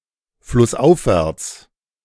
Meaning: upstream
- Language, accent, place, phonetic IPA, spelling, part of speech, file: German, Germany, Berlin, [flʊsˈʔaʊ̯fvɛʁt͡s], flussaufwärts, adverb, De-flussaufwärts.ogg